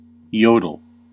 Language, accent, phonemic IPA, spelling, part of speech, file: English, US, /ˈjoʊ.dəl/, yodel, verb / noun, En-us-yodel.ogg
- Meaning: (verb) To sing (a song) in such a way that the voice fluctuates rapidly between the normal chest voice and falsetto; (noun) 1. An act of yodelling 2. A song incorporating yodelling